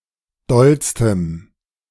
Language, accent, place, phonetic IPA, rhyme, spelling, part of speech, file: German, Germany, Berlin, [ˈdɔlstəm], -ɔlstəm, dollstem, adjective, De-dollstem.ogg
- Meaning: strong dative masculine/neuter singular superlative degree of doll